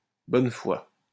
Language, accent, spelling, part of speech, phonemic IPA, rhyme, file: French, France, bonne foi, noun, /bɔn fwa/, -a, LL-Q150 (fra)-bonne foi.wav
- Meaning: good faith